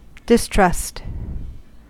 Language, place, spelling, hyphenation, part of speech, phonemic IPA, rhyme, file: English, California, distrust, dis‧trust, noun / verb, /dɪsˈtɹʌst/, -ʌst, En-us-distrust.ogg
- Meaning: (noun) Lack of trust or confidence; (verb) To put no trust in; to have no confidence in